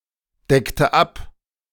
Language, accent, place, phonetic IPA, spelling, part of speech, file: German, Germany, Berlin, [ˌdɛktə ˈap], deckte ab, verb, De-deckte ab.ogg
- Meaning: inflection of abdecken: 1. first/third-person singular preterite 2. first/third-person singular subjunctive II